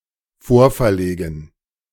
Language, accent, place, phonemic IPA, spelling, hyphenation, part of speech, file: German, Germany, Berlin, /ˈfoːɐ̯fɛɐ̯ˌleːɡn̩/, vorverlegen, vor‧ver‧le‧gen, verb, De-vorverlegen.ogg
- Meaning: to move up (in time)